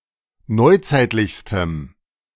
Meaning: strong dative masculine/neuter singular superlative degree of neuzeitlich
- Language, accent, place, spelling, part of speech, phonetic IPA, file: German, Germany, Berlin, neuzeitlichstem, adjective, [ˈnɔɪ̯ˌt͡saɪ̯tlɪçstəm], De-neuzeitlichstem.ogg